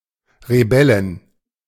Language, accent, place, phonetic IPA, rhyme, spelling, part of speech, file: German, Germany, Berlin, [ʁeˈbɛlɪn], -ɛlɪn, Rebellin, noun, De-Rebellin.ogg
- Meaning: female equivalent of Rebell (“rebel”)